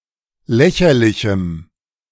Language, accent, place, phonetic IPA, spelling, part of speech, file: German, Germany, Berlin, [ˈlɛçɐlɪçm̩], lächerlichem, adjective, De-lächerlichem.ogg
- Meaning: strong dative masculine/neuter singular of lächerlich